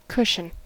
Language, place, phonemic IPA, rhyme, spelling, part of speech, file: English, California, /ˈkʊʃən/, -ʊʃən, cushion, noun / verb, En-us-cushion.ogg
- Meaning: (noun) 1. A soft mass of material stuffed into a cloth bag, used for comfort or support 2. A soft mass of material stuffed into a cloth bag, used for comfort or support.: A throw pillow